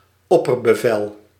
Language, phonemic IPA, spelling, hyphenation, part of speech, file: Dutch, /ˈɔ.pər.bəˌvɛl/, opperbevel, op‧per‧be‧vel, noun, Nl-opperbevel.ogg
- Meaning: supreme command